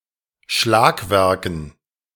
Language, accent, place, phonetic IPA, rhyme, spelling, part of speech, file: German, Germany, Berlin, [ˈʃlaːkˌvɛʁkn̩], -aːkvɛʁkn̩, Schlagwerken, noun, De-Schlagwerken.ogg
- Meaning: dative plural of Schlagwerk